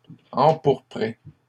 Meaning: feminine plural of empourpré
- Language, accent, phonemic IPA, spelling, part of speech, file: French, Canada, /ɑ̃.puʁ.pʁe/, empourprées, verb, LL-Q150 (fra)-empourprées.wav